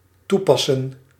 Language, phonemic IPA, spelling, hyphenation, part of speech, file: Dutch, /ˈtuˌpɑ.sə(n)/, toepassen, toe‧pas‧sen, verb, Nl-toepassen.ogg
- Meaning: to apply, implement